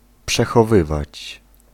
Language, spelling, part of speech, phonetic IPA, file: Polish, przechowywać, verb, [ˌpʃɛxɔˈvɨvat͡ɕ], Pl-przechowywać.ogg